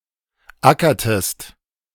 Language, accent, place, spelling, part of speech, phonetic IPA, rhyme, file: German, Germany, Berlin, ackertest, verb, [ˈakɐtəst], -akɐtəst, De-ackertest.ogg
- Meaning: inflection of ackern: 1. second-person singular preterite 2. second-person singular subjunctive II